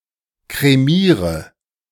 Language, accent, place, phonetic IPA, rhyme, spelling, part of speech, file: German, Germany, Berlin, [kʁeˈmiːʁə], -iːʁə, kremiere, verb, De-kremiere.ogg
- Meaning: inflection of kremieren: 1. first-person singular present 2. first/third-person singular subjunctive I 3. singular imperative